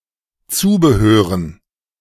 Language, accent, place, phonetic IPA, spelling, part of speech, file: German, Germany, Berlin, [ˈt͡suːbəˌhøːʁən], Zubehören, noun, De-Zubehören.ogg
- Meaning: dative plural of Zubehör